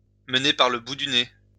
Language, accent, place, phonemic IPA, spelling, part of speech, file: French, France, Lyon, /mə.ne paʁ lə bu dy ne/, mener par le bout du nez, verb, LL-Q150 (fra)-mener par le bout du nez.wav
- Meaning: to lead by the nose